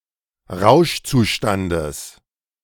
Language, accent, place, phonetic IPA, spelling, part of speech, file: German, Germany, Berlin, [ˈʁaʊ̯ʃt͡suˌʃtandəs], Rauschzustandes, noun, De-Rauschzustandes.ogg
- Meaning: genitive of Rauschzustand